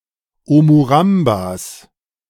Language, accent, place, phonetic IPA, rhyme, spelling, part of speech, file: German, Germany, Berlin, [ˌomuˈʁambas], -ambas, Omurambas, noun, De-Omurambas.ogg
- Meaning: 1. genitive singular of Omuramba 2. plural of Omuramba